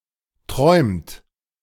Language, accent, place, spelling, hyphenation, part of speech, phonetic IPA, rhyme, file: German, Germany, Berlin, träumt, träumt, verb, [tʁɔɪ̯mt], -ɔɪ̯mt, De-träumt.ogg
- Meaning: inflection of träumen: 1. third-person singular present 2. second-person plural present 3. plural imperative